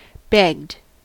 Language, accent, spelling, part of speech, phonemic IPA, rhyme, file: English, US, begged, verb, /bɛɡd/, -ɛɡd, En-us-begged.ogg
- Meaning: simple past and past participle of beg